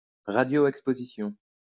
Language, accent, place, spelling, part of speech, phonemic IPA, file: French, France, Lyon, radioexposition, noun, /ʁa.djo.ɛk.spo.zi.sjɔ̃/, LL-Q150 (fra)-radioexposition.wav
- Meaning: irradiation; exposure to radiation